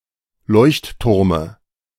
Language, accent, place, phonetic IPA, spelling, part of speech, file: German, Germany, Berlin, [ˈlɔɪ̯çtˌtʊʁmə], Leuchtturme, noun, De-Leuchtturme.ogg
- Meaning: dative singular of Leuchtturm